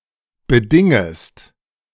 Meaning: second-person singular subjunctive I of bedingen
- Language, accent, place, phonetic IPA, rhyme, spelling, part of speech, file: German, Germany, Berlin, [bəˈdɪŋəst], -ɪŋəst, bedingest, verb, De-bedingest.ogg